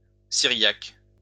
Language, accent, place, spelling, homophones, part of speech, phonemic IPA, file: French, France, Lyon, syriaque, Cyriaque, noun / adjective, /si.ʁjak/, LL-Q150 (fra)-syriaque.wav
- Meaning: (noun) Syriac